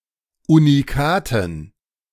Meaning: dative plural of Unikat
- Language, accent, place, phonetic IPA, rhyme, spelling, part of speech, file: German, Germany, Berlin, [uniˈkaːtn̩], -aːtn̩, Unikaten, noun, De-Unikaten.ogg